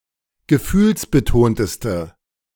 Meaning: inflection of gefühlsbetont: 1. strong/mixed nominative/accusative feminine singular superlative degree 2. strong nominative/accusative plural superlative degree
- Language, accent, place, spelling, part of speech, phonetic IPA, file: German, Germany, Berlin, gefühlsbetonteste, adjective, [ɡəˈfyːlsbəˌtoːntəstə], De-gefühlsbetonteste.ogg